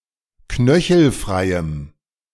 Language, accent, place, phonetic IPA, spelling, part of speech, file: German, Germany, Berlin, [ˈknœçl̩ˌfʁaɪ̯əm], knöchelfreiem, adjective, De-knöchelfreiem.ogg
- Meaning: strong dative masculine/neuter singular of knöchelfrei